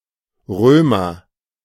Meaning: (noun) Roman; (adjective) of or from the city of Rome; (noun) rummer (kind of drinking glass, commonly used for wine in Germany; often made partially from coloured glass); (proper noun) a surname
- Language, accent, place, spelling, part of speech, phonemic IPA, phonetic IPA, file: German, Germany, Berlin, Römer, noun / adjective / proper noun, /ˈrøːmər/, [ˈʁøː.mɐ], De-Römer.ogg